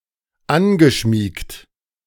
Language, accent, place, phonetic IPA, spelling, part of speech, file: German, Germany, Berlin, [ˈanɡəˌʃmiːkt], angeschmiegt, verb, De-angeschmiegt.ogg
- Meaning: past participle of anschmiegen